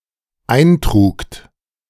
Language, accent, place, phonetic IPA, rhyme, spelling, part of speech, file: German, Germany, Berlin, [ˈaɪ̯nˌtʁuːkt], -aɪ̯ntʁuːkt, eintrugt, verb, De-eintrugt.ogg
- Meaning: second-person plural dependent preterite of eintragen